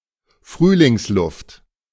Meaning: spring air
- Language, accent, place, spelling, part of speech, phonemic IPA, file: German, Germany, Berlin, Frühlingsluft, noun, /ˈfʁyːlɪŋsˌlʊft/, De-Frühlingsluft.ogg